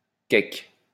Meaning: 1. fruitcake (containing rum) 2. quick bread (a smallish loaf-shaped baked good which may be sweet like an English cake or salty and with bits of meat. See insert)
- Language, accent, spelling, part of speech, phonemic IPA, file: French, France, cake, noun, /kɛk/, LL-Q150 (fra)-cake.wav